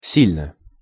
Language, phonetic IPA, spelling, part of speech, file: Russian, [ˈsʲilʲnə], сильно, adverb / adjective, Ru-сильно.ogg
- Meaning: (adverb) 1. strongly 2. intensively, actively 3. impressively, convincingly 4. to a significant degree, very much, hard, badly; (adjective) short neuter singular of си́льный (sílʹnyj)